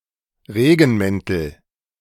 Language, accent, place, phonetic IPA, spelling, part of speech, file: German, Germany, Berlin, [ˈʁeːɡn̩ˌmɛntl̩], Regenmäntel, noun, De-Regenmäntel.ogg
- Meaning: nominative/accusative/genitive plural of Regenmantel